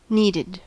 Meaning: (adjective) Necessary; being required; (verb) simple past and past participle of need
- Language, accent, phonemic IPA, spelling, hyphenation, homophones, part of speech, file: English, General American, /ˈni.dɪd/, needed, need‧ed, kneaded, adjective / verb, En-us-needed.ogg